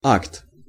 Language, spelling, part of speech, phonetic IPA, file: Russian, акт, noun, [akt], Ru-акт.ogg
- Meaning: 1. act 2. nude, painting of a nude person 3. receipt